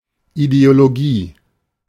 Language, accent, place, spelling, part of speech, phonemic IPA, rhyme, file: German, Germany, Berlin, Ideologie, noun, /ideoloˈɡiː/, -iː, De-Ideologie.ogg
- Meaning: ideology